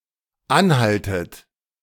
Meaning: inflection of anhalten: 1. second-person plural dependent present 2. second-person plural dependent subjunctive I
- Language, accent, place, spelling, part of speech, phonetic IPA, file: German, Germany, Berlin, anhaltet, verb, [ˈanˌhaltət], De-anhaltet.ogg